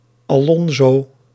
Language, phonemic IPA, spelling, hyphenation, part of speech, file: Dutch, /aːˈlɔn.zoː/, Alonzo, Alon‧zo, proper noun, Nl-Alonzo.ogg
- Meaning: a male given name, equivalent to English Alfonso